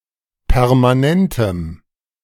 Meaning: strong dative masculine/neuter singular of permanent
- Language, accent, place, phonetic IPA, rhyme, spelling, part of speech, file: German, Germany, Berlin, [pɛʁmaˈnɛntəm], -ɛntəm, permanentem, adjective, De-permanentem.ogg